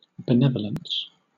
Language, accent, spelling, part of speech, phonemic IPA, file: English, Southern England, benevolence, noun, /bəˈnɛvələns/, LL-Q1860 (eng)-benevolence.wav
- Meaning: 1. Disposition to do good 2. Charitable kindness 3. An altruistic gift or act 4. A kind of forced loan or contribution levied by kings without legal authority, first so called under Edward IV in 1473